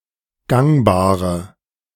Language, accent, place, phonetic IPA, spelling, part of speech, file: German, Germany, Berlin, [ˈɡaŋbaːʁə], gangbare, adjective, De-gangbare.ogg
- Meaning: inflection of gangbar: 1. strong/mixed nominative/accusative feminine singular 2. strong nominative/accusative plural 3. weak nominative all-gender singular 4. weak accusative feminine/neuter singular